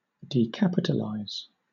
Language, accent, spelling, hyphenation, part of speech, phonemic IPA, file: English, Southern England, decapitalize, de‧cap‧i‧tal‧ize, verb, /diːˈkæpɪtəlaɪz/, LL-Q1860 (eng)-decapitalize.wav
- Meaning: 1. To uncapitalize (convert the first letter (or more) of (something) from uppercase to lowercase) 2. To convert a capital value, typically into a rental